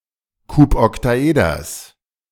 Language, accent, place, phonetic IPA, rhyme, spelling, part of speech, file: German, Germany, Berlin, [ˌkupɔktaˈʔeːdɐs], -eːdɐs, Kuboktaeders, noun, De-Kuboktaeders.ogg
- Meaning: genitive singular of Kuboktaeder